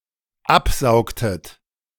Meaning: inflection of absaugen: 1. second-person plural dependent preterite 2. second-person plural dependent subjunctive II
- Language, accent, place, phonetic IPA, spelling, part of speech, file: German, Germany, Berlin, [ˈapˌzaʊ̯ktət], absaugtet, verb, De-absaugtet.ogg